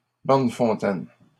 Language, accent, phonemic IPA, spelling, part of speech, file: French, Canada, /bɔʁ.n(ə).fɔ̃.tɛn/, borne-fontaine, noun, LL-Q150 (fra)-borne-fontaine.wav
- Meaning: fire hydrant